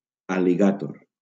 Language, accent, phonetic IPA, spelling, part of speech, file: Catalan, Valencia, [al.liˈɣa.tor], al·ligàtor, noun, LL-Q7026 (cat)-al·ligàtor.wav
- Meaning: alligator